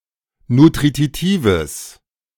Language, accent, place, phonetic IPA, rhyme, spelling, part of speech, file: German, Germany, Berlin, [nutʁiˈtiːvəs], -iːvəs, nutritives, adjective, De-nutritives.ogg
- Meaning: strong/mixed nominative/accusative neuter singular of nutritiv